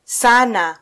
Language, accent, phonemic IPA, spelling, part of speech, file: Swahili, Kenya, /ˈsɑ.nɑ/, sana, adverb / verb, Sw-ke-sana.flac
- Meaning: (adverb) 1. a lot, (very) much 2. too 3. very, extremely; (verb) to forge